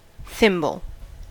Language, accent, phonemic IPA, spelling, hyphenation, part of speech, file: English, General American, /ˈθɪmb(ə)l/, thimble, thimb‧le, noun / verb, En-us-thimble.ogg
- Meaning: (noun) 1. A pitted, now usually metal, cup-shaped cap worn on the tip of a finger, which is used in sewing to push the needle through material 2. As much as fills a thimble (sense 1); a thimbleful